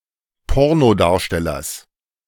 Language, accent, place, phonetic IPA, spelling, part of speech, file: German, Germany, Berlin, [ˈpɔʁnoˌdaːɐ̯ʃtɛlɐs], Pornodarstellers, noun, De-Pornodarstellers.ogg
- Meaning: genitive singular of Pornodarsteller